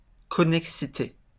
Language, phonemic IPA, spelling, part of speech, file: French, /kɔ.nɛk.si.te/, connexité, noun, LL-Q150 (fra)-connexité.wav
- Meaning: 1. connectivity, connectedness 2. connection